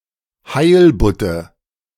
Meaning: nominative/accusative/genitive plural of Heilbutt
- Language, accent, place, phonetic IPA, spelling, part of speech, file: German, Germany, Berlin, [ˈhaɪ̯lbʊtə], Heilbutte, noun, De-Heilbutte.ogg